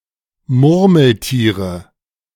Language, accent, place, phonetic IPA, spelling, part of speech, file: German, Germany, Berlin, [ˈmʊʁml̩ˌtiːʁə], Murmeltiere, noun, De-Murmeltiere.ogg
- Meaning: nominative/accusative/genitive plural of Murmeltier